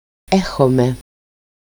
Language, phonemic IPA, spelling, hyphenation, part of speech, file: Greek, /ˈexome/, έχομε, έ‧χο‧με, verb, El-έχομε.ogg
- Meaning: alternative form of έχουμε (échoume)